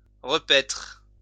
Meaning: 1. to feed 2. to glut, to sate 3. to eat 4. to feed on, to feast on
- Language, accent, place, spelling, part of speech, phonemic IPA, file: French, France, Lyon, repaître, verb, /ʁə.pɛtʁ/, LL-Q150 (fra)-repaître.wav